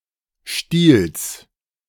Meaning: genitive singular of Stiel
- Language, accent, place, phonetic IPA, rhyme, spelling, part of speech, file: German, Germany, Berlin, [ʃtiːls], -iːls, Stiels, noun, De-Stiels.ogg